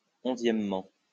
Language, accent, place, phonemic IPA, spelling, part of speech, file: French, France, Lyon, /ɔ̃.zjɛm.mɑ̃/, onzièmement, adverb, LL-Q150 (fra)-onzièmement.wav
- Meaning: eleventhly